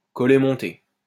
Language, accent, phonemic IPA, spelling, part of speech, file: French, France, /kɔ.lɛ mɔ̃.te/, collet monté, noun / adjective, LL-Q150 (fra)-collet monté.wav
- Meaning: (noun) Medici collar; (adjective) prim, prim and proper, prissy, starchy, stuffy, uptight, strait-laced